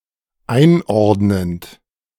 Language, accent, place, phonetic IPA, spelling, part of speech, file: German, Germany, Berlin, [ˈaɪ̯nˌʔɔʁdnənt], einordnend, verb, De-einordnend.ogg
- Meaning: present participle of einordnen